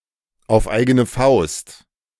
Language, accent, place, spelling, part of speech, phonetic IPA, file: German, Germany, Berlin, auf eigene Faust, phrase, [aʊ̯f ˌʔaɪ̯ɡənə ˈfaʊ̯st], De-auf eigene Faust.ogg
- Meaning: off one's own bat, on one's own hook (on one's own, without aid or oversight by others, especially from those more experienced or powerful)